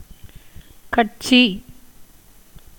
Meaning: party, faction
- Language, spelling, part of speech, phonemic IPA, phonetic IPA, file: Tamil, கட்சி, noun, /kɐʈtʃiː/, [kɐʈsiː], Ta-கட்சி.ogg